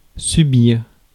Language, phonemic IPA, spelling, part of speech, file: French, /sy.biʁ/, subir, verb, Fr-subir.ogg
- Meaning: 1. to suffer 2. to undergo, be subjected to 3. to have (an operation, medical test etc.); to take (an exam) 4. to put up with (someone or something)